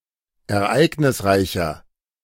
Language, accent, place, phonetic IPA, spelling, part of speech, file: German, Germany, Berlin, [ɛɐ̯ˈʔaɪ̯ɡnɪsˌʁaɪ̯çɐ], ereignisreicher, adjective, De-ereignisreicher.ogg
- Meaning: 1. comparative degree of ereignisreich 2. inflection of ereignisreich: strong/mixed nominative masculine singular 3. inflection of ereignisreich: strong genitive/dative feminine singular